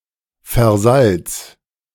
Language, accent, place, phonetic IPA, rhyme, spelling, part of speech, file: German, Germany, Berlin, [fɛɐ̯ˈzalt͡s], -alt͡s, versalz, verb, De-versalz.ogg
- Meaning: 1. singular imperative of versalzen 2. first-person singular present of versalzen